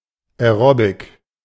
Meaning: aerobics
- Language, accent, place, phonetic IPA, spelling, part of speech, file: German, Germany, Berlin, [ɛˈʀoːbɪk], Aerobic, noun, De-Aerobic.ogg